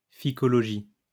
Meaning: phycology (the study of algae)
- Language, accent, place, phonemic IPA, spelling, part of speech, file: French, France, Lyon, /fi.kɔ.lɔ.ʒi/, phycologie, noun, LL-Q150 (fra)-phycologie.wav